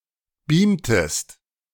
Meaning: inflection of beamen: 1. second-person singular preterite 2. second-person singular subjunctive II
- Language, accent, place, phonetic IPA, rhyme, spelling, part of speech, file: German, Germany, Berlin, [ˈbiːmtəst], -iːmtəst, beamtest, verb, De-beamtest.ogg